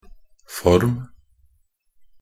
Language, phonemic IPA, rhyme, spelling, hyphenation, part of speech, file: Norwegian Bokmål, /fɔrm/, -ɔrm, form, form, noun / verb, Nb-form.ogg
- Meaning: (noun) a form, shape (the outer configuration of a thing; figure, outline)